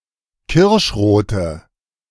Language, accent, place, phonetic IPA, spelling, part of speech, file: German, Germany, Berlin, [ˈkɪʁʃˌʁoːtə], kirschrote, adjective, De-kirschrote.ogg
- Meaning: inflection of kirschrot: 1. strong/mixed nominative/accusative feminine singular 2. strong nominative/accusative plural 3. weak nominative all-gender singular